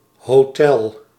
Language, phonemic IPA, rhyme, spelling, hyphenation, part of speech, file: Dutch, /ɦoːˈtɛl/, -ɛl, hotel, ho‧tel, noun, Nl-hotel.ogg
- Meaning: hotel